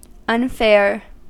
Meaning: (adjective) Not fair.: 1. Not just 2. Not beautiful; uncomely; unattractive 3. Sorrowful; sad 4. Unseemly; disgraceful; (verb) to make ugly
- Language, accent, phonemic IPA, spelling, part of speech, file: English, US, /ʌnˈfɛɚ/, unfair, adjective / verb, En-us-unfair.ogg